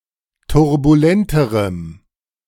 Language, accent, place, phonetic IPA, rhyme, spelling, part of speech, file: German, Germany, Berlin, [tʊʁbuˈlɛntəʁəm], -ɛntəʁəm, turbulenterem, adjective, De-turbulenterem.ogg
- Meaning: strong dative masculine/neuter singular comparative degree of turbulent